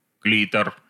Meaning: clitoris
- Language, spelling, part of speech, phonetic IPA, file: Russian, клитор, noun, [ˈklʲitər], Ru-клитор.ogg